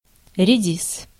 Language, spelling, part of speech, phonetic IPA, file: Russian, редис, noun, [rʲɪˈdʲis], Ru-редис.ogg
- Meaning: radish